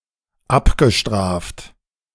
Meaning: past participle of abstrafen
- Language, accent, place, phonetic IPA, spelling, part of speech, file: German, Germany, Berlin, [ˈapɡəˌʃtʁaːft], abgestraft, verb, De-abgestraft.ogg